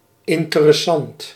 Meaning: 1. interesting, arousing or holding the attention of; fascinating 2. notable, important 3. profitable, beneficial
- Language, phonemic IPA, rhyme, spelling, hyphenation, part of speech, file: Dutch, /ˌɪn.tə.rɛˈsɑnt/, -ɑnt, interessant, in‧te‧res‧sant, adjective, Nl-interessant.ogg